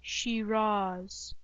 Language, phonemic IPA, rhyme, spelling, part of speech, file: English, /ʃɪˈɹɑːz/, -ɑːz, Shiraz, proper noun / noun, En-Shiraz.ogg
- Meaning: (proper noun) 1. A city in Iran, the seat of Shiraz County's Central District and the capital of Fars Province, near the remains of Persepolis 2. A county of Iran, around the city